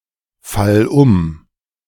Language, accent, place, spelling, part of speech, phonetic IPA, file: German, Germany, Berlin, fall um, verb, [ˌfal ˈʊm], De-fall um.ogg
- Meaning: singular imperative of umfallen